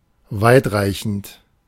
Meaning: far-reaching
- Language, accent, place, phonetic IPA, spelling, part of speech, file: German, Germany, Berlin, [ˈvaɪ̯tˌʁaɪ̯çn̩t], weitreichend, adjective, De-weitreichend.ogg